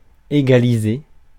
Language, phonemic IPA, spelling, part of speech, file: French, /e.ɡa.li.ze/, égaliser, verb, Fr-égaliser.ogg
- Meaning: 1. to equalize, equalise 2. to even, to even out